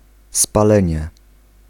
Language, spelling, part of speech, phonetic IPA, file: Polish, spalenie, noun, [spaˈlɛ̃ɲɛ], Pl-spalenie.ogg